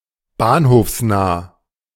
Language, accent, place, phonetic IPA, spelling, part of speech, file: German, Germany, Berlin, [ˈbaːnhoːfsˌnaː], bahnhofsnah, adjective, De-bahnhofsnah.ogg
- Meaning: near a railway station